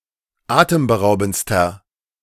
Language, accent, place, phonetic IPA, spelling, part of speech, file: German, Germany, Berlin, [ˈaːtəmbəˌʁaʊ̯bn̩t͡stɐ], atemberaubendster, adjective, De-atemberaubendster.ogg
- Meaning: inflection of atemberaubend: 1. strong/mixed nominative masculine singular superlative degree 2. strong genitive/dative feminine singular superlative degree